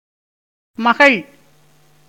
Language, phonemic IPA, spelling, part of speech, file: Tamil, /mɐɡɐɭ/, மகள், noun, Ta-மகள்.ogg
- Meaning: 1. daughter 2. woman, female, damsel 3. wife